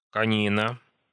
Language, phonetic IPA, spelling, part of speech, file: Russian, [kɐˈnʲinə], конина, noun, Ru-конина.ogg
- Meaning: 1. horsemeat 2. cognac